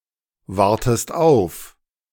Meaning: inflection of aufwarten: 1. second-person singular present 2. second-person singular subjunctive I
- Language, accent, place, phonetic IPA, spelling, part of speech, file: German, Germany, Berlin, [ˌvaʁtəst ˈaʊ̯f], wartest auf, verb, De-wartest auf.ogg